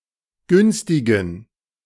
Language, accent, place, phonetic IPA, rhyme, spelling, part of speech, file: German, Germany, Berlin, [ˈɡʏnstɪɡn̩], -ʏnstɪɡn̩, günstigen, adjective, De-günstigen.ogg
- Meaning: inflection of günstig: 1. strong genitive masculine/neuter singular 2. weak/mixed genitive/dative all-gender singular 3. strong/weak/mixed accusative masculine singular 4. strong dative plural